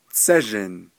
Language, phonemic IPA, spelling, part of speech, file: Navajo, /t͡sʰɛ́ʒɪ̀n/, tsézhin, noun, Nv-tsézhin.ogg
- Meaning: 1. trap rock, lava rock 2. malpais 3. lava